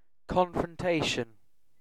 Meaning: 1. The act of confronting or challenging another, especially face to face 2. A conflict between armed forces
- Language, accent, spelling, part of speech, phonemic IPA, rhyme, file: English, UK, confrontation, noun, /ˌkɒn.fɹənˈteɪ.ʃən/, -eɪʃən, En-uk-confrontation.ogg